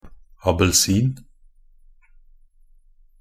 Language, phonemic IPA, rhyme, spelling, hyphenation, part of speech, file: Norwegian Bokmål, /abəlˈsiːn/, -iːn, abelsin, a‧bel‧sin, noun, Nb-abelsin.ogg
- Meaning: misspelling of appelsin